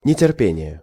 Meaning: impatience (quality of being impatient)
- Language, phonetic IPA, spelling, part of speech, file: Russian, [nʲɪtʲɪrˈpʲenʲɪje], нетерпение, noun, Ru-нетерпение.ogg